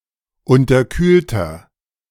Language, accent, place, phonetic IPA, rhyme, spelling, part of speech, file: German, Germany, Berlin, [ˌʊntɐˈkyːltɐ], -yːltɐ, unterkühlter, adjective, De-unterkühlter.ogg
- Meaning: inflection of unterkühlt: 1. strong/mixed nominative masculine singular 2. strong genitive/dative feminine singular 3. strong genitive plural